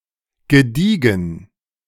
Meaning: 1. pure, unadulterated, sterling, solid, native (of a metal) 2. solid, high-quality, well-made 3. solid, reliable, good 4. odd, strange, peculiar, weird
- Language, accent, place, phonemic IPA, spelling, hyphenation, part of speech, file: German, Germany, Berlin, /ɡəˈdiːɡŋ̍/, gediegen, ge‧die‧gen, adjective, De-gediegen.ogg